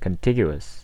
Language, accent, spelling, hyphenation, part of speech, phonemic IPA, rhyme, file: English, US, contiguous, con‧tig‧u‧ous, adjective, /kənˈtɪɡ.ju.əs/, -ɪɡjuəs, En-us-contiguous.ogg
- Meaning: 1. Connected; touching; abutting 2. Adjacent; neighboring 3. Connecting without a break